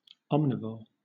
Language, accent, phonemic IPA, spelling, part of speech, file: English, Southern England, /ˈɒmnɪvɔː/, omnivore, noun, LL-Q1860 (eng)-omnivore.wav
- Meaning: An animal which is able to consume both plants (like a herbivore) and meat (like a carnivore)